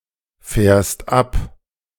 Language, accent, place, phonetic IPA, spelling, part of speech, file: German, Germany, Berlin, [ˌfɛːɐ̯st ˈʔap], fährst ab, verb, De-fährst ab.ogg
- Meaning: second-person singular present of abfahren